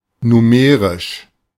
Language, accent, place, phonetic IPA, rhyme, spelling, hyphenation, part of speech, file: German, Germany, Berlin, [nuˈmeːʁɪʃ], -eːʁɪʃ, numerisch, nu‧me‧risch, adjective, De-numerisch.ogg
- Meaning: numeric